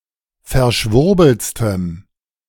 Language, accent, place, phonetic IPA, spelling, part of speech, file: German, Germany, Berlin, [fɛɐ̯ˈʃvʊʁbl̩t͡stəm], verschwurbeltstem, adjective, De-verschwurbeltstem.ogg
- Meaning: strong dative masculine/neuter singular superlative degree of verschwurbelt